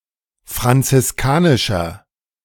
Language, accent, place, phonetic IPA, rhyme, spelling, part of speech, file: German, Germany, Berlin, [fʁant͡sɪsˈkaːnɪʃɐ], -aːnɪʃɐ, franziskanischer, adjective, De-franziskanischer.ogg
- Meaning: inflection of franziskanisch: 1. strong/mixed nominative masculine singular 2. strong genitive/dative feminine singular 3. strong genitive plural